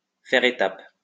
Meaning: to make a stopover, to stop off (somewhere)
- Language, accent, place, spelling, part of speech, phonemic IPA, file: French, France, Lyon, faire étape, verb, /fɛʁ e.tap/, LL-Q150 (fra)-faire étape.wav